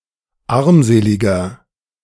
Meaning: 1. comparative degree of armselig 2. inflection of armselig: strong/mixed nominative masculine singular 3. inflection of armselig: strong genitive/dative feminine singular
- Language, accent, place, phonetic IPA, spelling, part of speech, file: German, Germany, Berlin, [ˈaʁmˌzeːlɪɡɐ], armseliger, adjective, De-armseliger.ogg